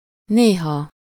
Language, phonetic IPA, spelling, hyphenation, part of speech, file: Hungarian, [ˈneːɦɒ], néha, né‧ha, adverb, Hu-néha.ogg
- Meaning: 1. sometimes 2. once, formerly (during some period in the past)